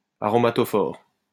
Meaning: aromatic
- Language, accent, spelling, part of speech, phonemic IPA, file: French, France, aromatophore, noun, /a.ʁɔ.ma.tɔ.fɔʁ/, LL-Q150 (fra)-aromatophore.wav